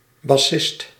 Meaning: a musician playing a bass; esp. a bass guitarist
- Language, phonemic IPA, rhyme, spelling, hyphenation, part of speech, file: Dutch, /bɑˈsɪst/, -ɪst, bassist, bas‧sist, noun, Nl-bassist.ogg